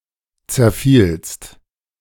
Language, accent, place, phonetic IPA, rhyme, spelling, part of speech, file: German, Germany, Berlin, [t͡sɛɐ̯ˈfiːlst], -iːlst, zerfielst, verb, De-zerfielst.ogg
- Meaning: second-person singular preterite of zerfallen